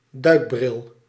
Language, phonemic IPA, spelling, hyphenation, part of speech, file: Dutch, /ˈdœy̯k.brɪl/, duikbril, duik‧bril, noun, Nl-duikbril.ogg
- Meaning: a diving mask (halfmask) or a pair of swimming goggles